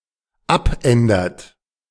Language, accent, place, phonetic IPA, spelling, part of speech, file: German, Germany, Berlin, [ˈapˌʔɛndɐt], abändert, verb, De-abändert.ogg
- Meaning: inflection of abändern: 1. third-person singular dependent present 2. second-person plural dependent present